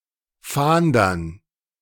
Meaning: dative plural of Fahnder
- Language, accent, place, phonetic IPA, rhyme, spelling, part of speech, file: German, Germany, Berlin, [ˈfaːndɐn], -aːndɐn, Fahndern, noun, De-Fahndern.ogg